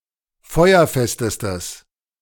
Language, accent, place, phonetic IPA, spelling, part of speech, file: German, Germany, Berlin, [ˈfɔɪ̯ɐˌfɛstəstəs], feuerfestestes, adjective, De-feuerfestestes.ogg
- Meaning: strong/mixed nominative/accusative neuter singular superlative degree of feuerfest